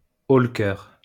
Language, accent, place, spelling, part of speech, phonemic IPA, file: French, France, Lyon, haut-le-cœur, noun, /o.l(ə).kœʁ/, LL-Q150 (fra)-haut-le-cœur.wav
- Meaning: retching, gagging